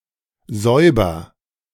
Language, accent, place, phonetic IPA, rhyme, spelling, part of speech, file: German, Germany, Berlin, [ˈzɔɪ̯bɐ], -ɔɪ̯bɐ, säuber, verb, De-säuber.ogg
- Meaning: inflection of säubern: 1. first-person singular present 2. singular imperative